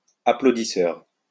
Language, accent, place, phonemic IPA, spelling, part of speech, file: French, France, Lyon, /a.plo.di.sœʁ/, applaudisseur, noun, LL-Q150 (fra)-applaudisseur.wav
- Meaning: applauder (especially someone paid to applaud)